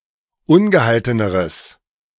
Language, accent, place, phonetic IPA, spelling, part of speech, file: German, Germany, Berlin, [ˈʊnɡəˌhaltənəʁəs], ungehalteneres, adjective, De-ungehalteneres.ogg
- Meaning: strong/mixed nominative/accusative neuter singular comparative degree of ungehalten